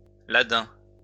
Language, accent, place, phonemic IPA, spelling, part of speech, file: French, France, Lyon, /la.dɛ̃/, ladin, adjective / noun, LL-Q150 (fra)-ladin.wav
- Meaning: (adjective) Ladin; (noun) Ladin (language)